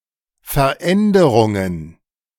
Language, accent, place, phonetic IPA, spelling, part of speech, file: German, Germany, Berlin, [fɛɐ̯ˈʔɛndəʁʊŋən], Veränderungen, noun, De-Veränderungen.ogg
- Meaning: plural of Veränderung